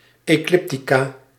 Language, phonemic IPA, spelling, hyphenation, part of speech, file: Dutch, /eːˈklɪp.ti.kaː/, ecliptica, eclip‧ti‧ca, noun, Nl-ecliptica.ogg
- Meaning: ecliptic